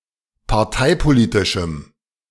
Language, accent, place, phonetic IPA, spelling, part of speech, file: German, Germany, Berlin, [paʁˈtaɪ̯poˌliːtɪʃm̩], parteipolitischem, adjective, De-parteipolitischem.ogg
- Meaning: strong dative masculine/neuter singular of parteipolitisch